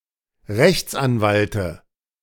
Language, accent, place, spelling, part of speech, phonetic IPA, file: German, Germany, Berlin, Rechtsanwalte, noun, [ˈʁɛçt͡sʔanˌvaltə], De-Rechtsanwalte.ogg
- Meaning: dative of Rechtsanwalt